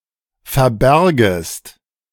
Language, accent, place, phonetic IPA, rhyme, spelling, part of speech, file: German, Germany, Berlin, [fɛɐ̯ˈbɛʁɡəst], -ɛʁɡəst, verbergest, verb, De-verbergest.ogg
- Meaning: second-person singular subjunctive I of verbergen